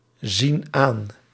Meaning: inflection of aanzien: 1. plural present indicative 2. plural present subjunctive
- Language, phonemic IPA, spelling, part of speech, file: Dutch, /ˈzin ˈan/, zien aan, verb, Nl-zien aan.ogg